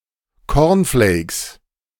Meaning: corn flakes
- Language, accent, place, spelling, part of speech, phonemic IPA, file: German, Germany, Berlin, Cornflakes, noun, /ˈkɔrnfleːks/, De-Cornflakes.ogg